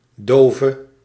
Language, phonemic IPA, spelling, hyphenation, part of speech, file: Dutch, /ˈdoː.və/, dove, do‧ve, noun / adjective / verb, Nl-dove.ogg
- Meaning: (noun) a deaf person; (adjective) inflection of doof: 1. masculine/feminine singular attributive 2. definite neuter singular attributive 3. plural attributive